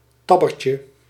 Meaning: river island, ait
- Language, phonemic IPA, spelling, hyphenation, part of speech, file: Dutch, /ˈtɑ.bə.tjə/, tabbetje, tab‧be‧tje, noun, Nl-tabbetje.ogg